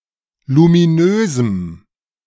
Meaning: strong dative masculine/neuter singular of luminös
- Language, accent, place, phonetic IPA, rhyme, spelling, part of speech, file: German, Germany, Berlin, [lumiˈnøːzm̩], -øːzm̩, luminösem, adjective, De-luminösem.ogg